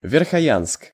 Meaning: Verkhoyansk (a town in Sakha, Russia, known for being one of the coldest inhabited places on Earth)
- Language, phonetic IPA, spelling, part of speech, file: Russian, [vʲɪrxɐˈjansk], Верхоянск, proper noun, Ru-Верхоянск.ogg